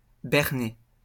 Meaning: to trick, to fool, to take in, to run circles around, to hoodwink
- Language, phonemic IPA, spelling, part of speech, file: French, /bɛʁ.ne/, berner, verb, LL-Q150 (fra)-berner.wav